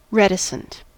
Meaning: Unwilling to communicate; keeping one's thoughts and opinions to oneself; reserved or restrained
- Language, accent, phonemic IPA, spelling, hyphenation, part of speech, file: English, US, /ˈrɛt ə sənt/, reticent, ret‧i‧cent, adjective, En-us-reticent.ogg